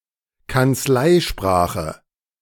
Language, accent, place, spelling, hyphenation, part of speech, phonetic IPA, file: German, Germany, Berlin, Kanzleisprache, Kanz‧lei‧spra‧che, noun, [kant͡sˈlaɪ̯ˌʃpʁaːxə], De-Kanzleisprache.ogg
- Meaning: 1. written language of a medieval chancery 2. officialese